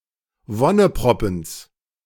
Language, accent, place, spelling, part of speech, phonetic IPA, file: German, Germany, Berlin, Wonneproppens, noun, [ˈvɔnəˌpʁɔpn̩s], De-Wonneproppens.ogg
- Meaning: genitive of Wonneproppen